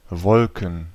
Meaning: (noun) plural of Wolke; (proper noun) a surname transferred from the given name
- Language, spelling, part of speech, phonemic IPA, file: German, Wolken, noun / proper noun, /ˈvɔlkən/, De-Wolken.ogg